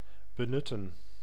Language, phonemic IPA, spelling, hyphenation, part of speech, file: Dutch, /bəˈnʏtə(n)/, benutten, be‧nut‧ten, verb, Nl-benutten.ogg
- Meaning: 1. to make use of, to profit from, to take advantage of 2. to convert (a penalty kick etc.)